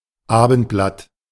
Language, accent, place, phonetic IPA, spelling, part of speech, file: German, Germany, Berlin, [ˈaːbn̩tˌblat], Abendblatt, noun, De-Abendblatt.ogg
- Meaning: evening paper